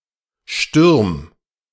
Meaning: 1. singular imperative of stürmen 2. first-person singular present of stürmen
- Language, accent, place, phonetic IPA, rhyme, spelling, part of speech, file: German, Germany, Berlin, [ʃtʏʁm], -ʏʁm, stürm, verb, De-stürm.ogg